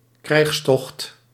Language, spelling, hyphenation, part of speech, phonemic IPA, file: Dutch, krijgstocht, krijgs‧tocht, noun, /ˈkrɛi̯xs.tɔxt/, Nl-krijgstocht.ogg
- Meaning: military expedition